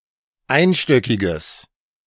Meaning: strong/mixed nominative/accusative neuter singular of einstöckig
- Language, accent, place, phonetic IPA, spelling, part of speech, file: German, Germany, Berlin, [ˈaɪ̯nˌʃtœkɪɡəs], einstöckiges, adjective, De-einstöckiges.ogg